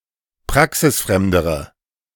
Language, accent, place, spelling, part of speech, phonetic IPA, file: German, Germany, Berlin, praxisfremdere, adjective, [ˈpʁaksɪsˌfʁɛmdəʁə], De-praxisfremdere.ogg
- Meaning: inflection of praxisfremd: 1. strong/mixed nominative/accusative feminine singular comparative degree 2. strong nominative/accusative plural comparative degree